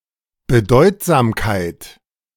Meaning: significance, relevance
- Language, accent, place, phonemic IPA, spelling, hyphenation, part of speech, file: German, Germany, Berlin, /bəˈdɔɪ̯tzaːmkaɪ̯t/, Bedeutsamkeit, Be‧deut‧sam‧keit, noun, De-Bedeutsamkeit.ogg